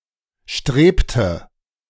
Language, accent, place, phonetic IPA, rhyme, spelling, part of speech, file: German, Germany, Berlin, [ˈʃtʁeːptə], -eːptə, strebte, verb, De-strebte.ogg
- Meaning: inflection of streben: 1. first/third-person singular preterite 2. first/third-person singular subjunctive II